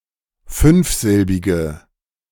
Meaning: inflection of fünfsilbig: 1. strong/mixed nominative/accusative feminine singular 2. strong nominative/accusative plural 3. weak nominative all-gender singular
- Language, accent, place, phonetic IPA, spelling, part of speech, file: German, Germany, Berlin, [ˈfʏnfˌzɪlbɪɡə], fünfsilbige, adjective, De-fünfsilbige.ogg